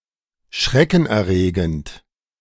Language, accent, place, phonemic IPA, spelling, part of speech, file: German, Germany, Berlin, /ˈʃʁɛkn̩ʔɛɐ̯ˌʁeːɡənt/, schreckenerregend, adjective, De-schreckenerregend.ogg
- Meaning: frightening, terrifying